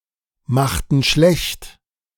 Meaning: inflection of schlechtmachen: 1. first/third-person plural preterite 2. first/third-person plural subjunctive II
- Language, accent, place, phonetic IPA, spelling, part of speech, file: German, Germany, Berlin, [ˌmaxtn̩ ˈʃlɛçt], machten schlecht, verb, De-machten schlecht.ogg